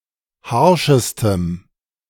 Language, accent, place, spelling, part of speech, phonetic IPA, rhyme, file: German, Germany, Berlin, harschestem, adjective, [ˈhaʁʃəstəm], -aʁʃəstəm, De-harschestem.ogg
- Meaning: strong dative masculine/neuter singular superlative degree of harsch